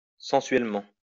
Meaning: by means of a census
- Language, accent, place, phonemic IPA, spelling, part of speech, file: French, France, Lyon, /sɑ̃.sɥɛl.mɑ̃/, censuellement, adverb, LL-Q150 (fra)-censuellement.wav